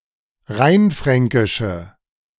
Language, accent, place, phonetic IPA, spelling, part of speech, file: German, Germany, Berlin, [ˈʁaɪ̯nˌfʁɛŋkɪʃə], rheinfränkische, adjective, De-rheinfränkische.ogg
- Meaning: inflection of rheinfränkisch: 1. strong/mixed nominative/accusative feminine singular 2. strong nominative/accusative plural 3. weak nominative all-gender singular